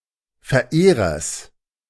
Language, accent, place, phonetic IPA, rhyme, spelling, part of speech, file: German, Germany, Berlin, [fɛɐ̯ˈʔeːʁɐs], -eːʁɐs, Verehrers, noun, De-Verehrers.ogg
- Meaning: genitive singular of Verehrer